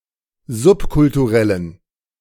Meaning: inflection of subkulturell: 1. strong genitive masculine/neuter singular 2. weak/mixed genitive/dative all-gender singular 3. strong/weak/mixed accusative masculine singular 4. strong dative plural
- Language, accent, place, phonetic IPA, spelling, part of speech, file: German, Germany, Berlin, [ˈzʊpkʊltuˌʁɛlən], subkulturellen, adjective, De-subkulturellen.ogg